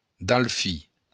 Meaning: 1. dolphin 2. dauphin (the eldest son of the king of France)
- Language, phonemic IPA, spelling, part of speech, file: Occitan, /dalˈfi/, dalfin, noun, LL-Q942602-dalfin.wav